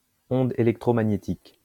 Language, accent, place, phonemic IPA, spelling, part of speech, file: French, France, Lyon, /ɔ̃.d‿e.lɛk.tʁɔ.ma.ɲe.tik/, onde électromagnétique, noun, LL-Q150 (fra)-onde électromagnétique.wav
- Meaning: electromagnetic wave